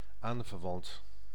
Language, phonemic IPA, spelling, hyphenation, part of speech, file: Dutch, /ˈaːn.vərˌʋɑnt/, aanverwant, aan‧ver‧want, adjective / noun, Nl-aanverwant.ogg
- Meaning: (adjective) related; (noun) in-law